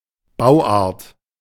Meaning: design, layout (type of construction)
- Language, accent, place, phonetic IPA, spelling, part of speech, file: German, Germany, Berlin, [ˈbaʊ̯ˌʔaːɐ̯t], Bauart, noun, De-Bauart.ogg